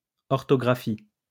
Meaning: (noun) 1. orthography, orthographic projection 2. obsolete form of orthographe; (verb) inflection of orthographier: first/third-person singular present indicative/subjunctive
- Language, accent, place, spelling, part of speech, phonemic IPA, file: French, France, Lyon, orthographie, noun / verb, /ɔʁ.tɔ.ɡʁa.fi/, LL-Q150 (fra)-orthographie.wav